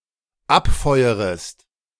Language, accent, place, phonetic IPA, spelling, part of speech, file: German, Germany, Berlin, [ˈapˌfɔɪ̯əʁəst], abfeuerest, verb, De-abfeuerest.ogg
- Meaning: second-person singular dependent subjunctive I of abfeuern